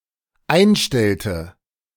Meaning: inflection of einstellen: 1. first/third-person singular dependent preterite 2. first/third-person singular dependent subjunctive II
- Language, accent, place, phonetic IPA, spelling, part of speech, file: German, Germany, Berlin, [ˈaɪ̯nˌʃtɛltə], einstellte, verb, De-einstellte.ogg